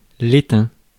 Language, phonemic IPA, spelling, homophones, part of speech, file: French, /e.tɛ̃/, étain, étaim / étaims / étains / éteint / éteints, noun, Fr-étain.ogg
- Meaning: 1. tin 2. pewter, item made of pewter